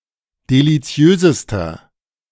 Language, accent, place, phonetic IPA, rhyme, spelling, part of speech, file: German, Germany, Berlin, [deliˈt͡si̯øːzəstɐ], -øːzəstɐ, deliziösester, adjective, De-deliziösester.ogg
- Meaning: inflection of deliziös: 1. strong/mixed nominative masculine singular superlative degree 2. strong genitive/dative feminine singular superlative degree 3. strong genitive plural superlative degree